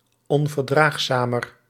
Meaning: comparative degree of onverdraagzaam
- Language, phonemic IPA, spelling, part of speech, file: Dutch, /ˌɔɱvərˈdraxsamər/, onverdraagzamer, adjective, Nl-onverdraagzamer.ogg